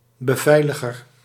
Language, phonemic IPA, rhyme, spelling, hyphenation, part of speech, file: Dutch, /bəˈvɛi̯.lə.ɣər/, -ɛi̯ləɣər, beveiliger, be‧vei‧li‧ger, noun, Nl-beveiliger.ogg
- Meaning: guard